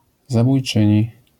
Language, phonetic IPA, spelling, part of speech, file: Polish, [ˌzabujˈt͡ʃɨ̃ɲi], zabójczyni, noun, LL-Q809 (pol)-zabójczyni.wav